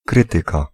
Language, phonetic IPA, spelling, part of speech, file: Polish, [ˈkrɨtɨka], krytyka, noun, Pl-krytyka.ogg